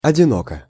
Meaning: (adverb) 1. alone 2. in a lonely manner; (adjective) short neuter singular of одино́кий (odinókij)
- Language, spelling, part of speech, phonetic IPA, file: Russian, одиноко, adverb / adjective, [ɐdʲɪˈnokə], Ru-одиноко.ogg